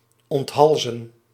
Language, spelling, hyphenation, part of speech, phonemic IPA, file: Dutch, onthalzen, ont‧hal‧zen, verb, /ɔntˈɦɑlzə(n)/, Nl-onthalzen.ogg
- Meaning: to behead, to decapitate